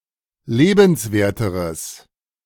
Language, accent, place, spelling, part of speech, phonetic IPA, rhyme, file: German, Germany, Berlin, lebenswerteres, adjective, [ˈleːbn̩sˌveːɐ̯təʁəs], -eːbn̩sveːɐ̯təʁəs, De-lebenswerteres.ogg
- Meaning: strong/mixed nominative/accusative neuter singular comparative degree of lebenswert